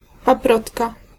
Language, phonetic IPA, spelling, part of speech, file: Polish, [paˈprɔtka], paprotka, noun, Pl-paprotka.ogg